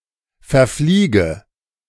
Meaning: inflection of verfliegen: 1. first-person singular present 2. first/third-person singular subjunctive I 3. singular imperative
- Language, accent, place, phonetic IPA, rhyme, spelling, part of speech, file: German, Germany, Berlin, [fɛɐ̯ˈfliːɡə], -iːɡə, verfliege, verb, De-verfliege.ogg